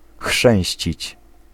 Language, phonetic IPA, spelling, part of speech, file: Polish, [ˈxʃɛ̃w̃ɕt͡ɕit͡ɕ], chrzęścić, verb, Pl-chrzęścić.ogg